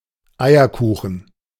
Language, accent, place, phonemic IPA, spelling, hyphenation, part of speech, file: German, Germany, Berlin, /ˈaɪ̯ərˌkuːxən/, Eierkuchen, Ei‧er‧ku‧chen, noun, De-Eierkuchen.ogg
- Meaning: pancake